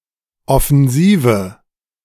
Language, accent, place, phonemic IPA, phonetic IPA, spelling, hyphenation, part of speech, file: German, Germany, Berlin, /ˌɔfn̩ˈziːvə/, [ˌʔɔfɛnˈziːvə], Offensive, Of‧fen‧si‧ve, noun, De-Offensive.ogg
- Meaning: 1. offensive (posture of attacking or being able to attack) 2. attack, offensive